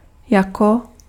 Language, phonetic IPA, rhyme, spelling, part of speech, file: Czech, [ˈjako], -ako, jako, adverb, Cs-jako.ogg
- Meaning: 1. as 2. like